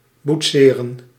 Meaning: to model (usually with clay)
- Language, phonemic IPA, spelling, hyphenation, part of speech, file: Dutch, /butˈseːrə(n)/, boetseren, boet‧se‧ren, verb, Nl-boetseren.ogg